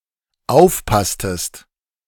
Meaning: inflection of aufpassen: 1. second-person singular dependent preterite 2. second-person singular dependent subjunctive II
- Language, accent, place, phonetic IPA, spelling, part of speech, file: German, Germany, Berlin, [ˈaʊ̯fˌpastəst], aufpasstest, verb, De-aufpasstest.ogg